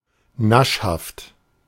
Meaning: given to savouring tasty tidbits, in particular sweets
- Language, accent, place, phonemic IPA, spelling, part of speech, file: German, Germany, Berlin, /ˈnaʃhaft/, naschhaft, adjective, De-naschhaft.ogg